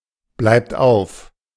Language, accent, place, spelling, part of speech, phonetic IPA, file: German, Germany, Berlin, bleibt auf, verb, [ˌblaɪ̯pt ˈaʊ̯f], De-bleibt auf.ogg
- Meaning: inflection of aufbleiben: 1. third-person singular present 2. second-person plural present 3. plural imperative